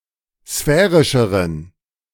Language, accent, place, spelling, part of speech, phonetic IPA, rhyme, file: German, Germany, Berlin, sphärischeren, adjective, [ˈsfɛːʁɪʃəʁən], -ɛːʁɪʃəʁən, De-sphärischeren.ogg
- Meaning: inflection of sphärisch: 1. strong genitive masculine/neuter singular comparative degree 2. weak/mixed genitive/dative all-gender singular comparative degree